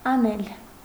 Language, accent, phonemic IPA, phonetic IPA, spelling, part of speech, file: Armenian, Eastern Armenian, /ɑˈnel/, [ɑnél], անել, verb, Hy-անել.ogg
- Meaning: to do